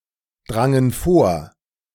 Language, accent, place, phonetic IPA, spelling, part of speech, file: German, Germany, Berlin, [ˌdʁaŋən ˈfoːɐ̯], drangen vor, verb, De-drangen vor.ogg
- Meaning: first/third-person plural preterite of vordringen